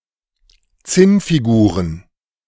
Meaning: plural of Zinnfigur
- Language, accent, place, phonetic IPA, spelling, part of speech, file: German, Germany, Berlin, [ˈt͡sɪnfiˌɡuːʁən], Zinnfiguren, noun, De-Zinnfiguren.ogg